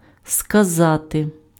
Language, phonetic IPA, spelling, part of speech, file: Ukrainian, [skɐˈzate], сказати, verb, Uk-сказати.ogg
- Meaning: to say, to tell